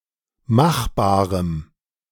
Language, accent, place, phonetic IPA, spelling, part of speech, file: German, Germany, Berlin, [ˈmaxˌbaːʁəm], machbarem, adjective, De-machbarem.ogg
- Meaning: strong dative masculine/neuter singular of machbar